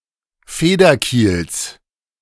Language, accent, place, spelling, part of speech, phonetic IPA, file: German, Germany, Berlin, Federkiels, noun, [ˈfeːdɐˌkiːls], De-Federkiels.ogg
- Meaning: genitive singular of Federkiel